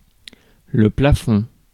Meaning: 1. ceiling 2. maximum 3. credit limit, withdrawal limit, ceiling (maximum permitted level in a financial transaction)
- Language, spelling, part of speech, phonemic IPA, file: French, plafond, noun, /pla.fɔ̃/, Fr-plafond.ogg